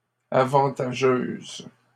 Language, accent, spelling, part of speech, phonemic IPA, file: French, Canada, avantageuses, adjective, /a.vɑ̃.ta.ʒøz/, LL-Q150 (fra)-avantageuses.wav
- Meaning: feminine plural of avantageux